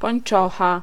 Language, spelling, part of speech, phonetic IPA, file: Polish, pończocha, noun, [pɔ̃j̃n͇ˈt͡ʃɔxa], Pl-pończocha.ogg